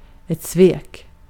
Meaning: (noun) 1. betrayal, treachery, treason 2. deception, deceit; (verb) past indicative of svika
- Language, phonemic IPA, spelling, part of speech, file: Swedish, /sveːk/, svek, noun / verb, Sv-svek.ogg